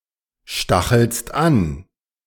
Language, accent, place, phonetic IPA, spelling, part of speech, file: German, Germany, Berlin, [ˌʃtaxl̩st ˈan], stachelst an, verb, De-stachelst an.ogg
- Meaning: second-person singular present of anstacheln